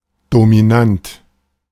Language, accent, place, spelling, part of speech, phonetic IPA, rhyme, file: German, Germany, Berlin, dominant, adjective, [domiˈnant], -ant, De-dominant.ogg
- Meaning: dominant